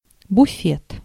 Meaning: 1. sideboard, cupboard 2. snack bar, lunchroom, refreshment room, buffet 3. larder, pantry (a room for storing food and dishes and preparing snacks and tea)
- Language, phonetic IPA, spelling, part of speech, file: Russian, [bʊˈfʲet], буфет, noun, Ru-буфет.ogg